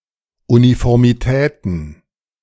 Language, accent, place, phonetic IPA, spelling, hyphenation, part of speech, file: German, Germany, Berlin, [ˌunifɔʁmiˈtɛːtn̩], Uniformitäten, Uni‧for‧mi‧tä‧ten, noun, De-Uniformitäten.ogg
- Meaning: plural of Uniformität